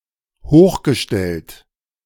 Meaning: 1. superscript 2. raised 3. high-ranking
- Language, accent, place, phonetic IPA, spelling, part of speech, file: German, Germany, Berlin, [ˈhoːxɡəˌʃtɛlt], hochgestellt, adjective / verb, De-hochgestellt.ogg